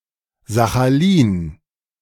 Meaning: Sakhalin (a large island and oblast in eastern Russia)
- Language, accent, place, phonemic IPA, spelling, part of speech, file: German, Germany, Berlin, /zaxaˈliːn/, Sachalin, proper noun, De-Sachalin.ogg